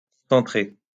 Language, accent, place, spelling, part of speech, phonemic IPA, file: French, France, Lyon, concentré, verb / noun, /kɔ̃.sɑ̃.tʁe/, LL-Q150 (fra)-concentré.wav
- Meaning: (verb) past participle of concentrer; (noun) 1. a concentrate 2. food paste, puree